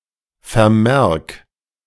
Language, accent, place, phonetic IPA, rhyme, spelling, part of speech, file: German, Germany, Berlin, [fɛɐ̯ˈmɛʁk], -ɛʁk, vermerk, verb, De-vermerk.ogg
- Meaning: 1. singular imperative of vermerken 2. first-person singular present of vermerken